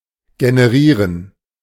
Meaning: to generate
- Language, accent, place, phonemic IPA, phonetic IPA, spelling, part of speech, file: German, Germany, Berlin, /ɡenəˈʁiːʁən/, [ɡenəˈʁiːɐ̯n], generieren, verb, De-generieren.ogg